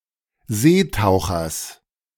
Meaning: genitive singular of Seetaucher
- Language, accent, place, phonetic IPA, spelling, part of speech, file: German, Germany, Berlin, [ˈzeːˌtaʊ̯xɐs], Seetauchers, noun, De-Seetauchers.ogg